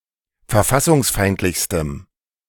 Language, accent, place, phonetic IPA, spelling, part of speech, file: German, Germany, Berlin, [fɛɐ̯ˈfasʊŋsˌfaɪ̯ntlɪçstəm], verfassungsfeindlichstem, adjective, De-verfassungsfeindlichstem.ogg
- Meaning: strong dative masculine/neuter singular superlative degree of verfassungsfeindlich